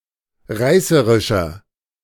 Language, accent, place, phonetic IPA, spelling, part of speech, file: German, Germany, Berlin, [ˈʁaɪ̯səʁɪʃɐ], reißerischer, adjective, De-reißerischer.ogg
- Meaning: 1. comparative degree of reißerisch 2. inflection of reißerisch: strong/mixed nominative masculine singular 3. inflection of reißerisch: strong genitive/dative feminine singular